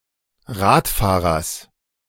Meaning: genitive singular of Radfahrer
- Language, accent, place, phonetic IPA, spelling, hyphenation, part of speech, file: German, Germany, Berlin, [ˈʁaːtˌfaːʁɐs], Radfahrers, Rad‧fah‧rers, noun, De-Radfahrers.ogg